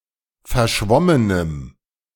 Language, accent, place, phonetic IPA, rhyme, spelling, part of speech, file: German, Germany, Berlin, [fɛɐ̯ˈʃvɔmənəm], -ɔmənəm, verschwommenem, adjective, De-verschwommenem.ogg
- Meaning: strong dative masculine/neuter singular of verschwommen